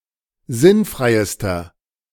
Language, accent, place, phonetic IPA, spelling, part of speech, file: German, Germany, Berlin, [ˈzɪnˌfʁaɪ̯stɐ], sinnfreister, adjective, De-sinnfreister.ogg
- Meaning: inflection of sinnfrei: 1. strong/mixed nominative masculine singular superlative degree 2. strong genitive/dative feminine singular superlative degree 3. strong genitive plural superlative degree